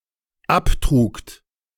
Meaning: second-person plural dependent preterite of abtragen
- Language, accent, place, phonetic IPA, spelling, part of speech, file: German, Germany, Berlin, [ˈapˌtʁuːkt], abtrugt, verb, De-abtrugt.ogg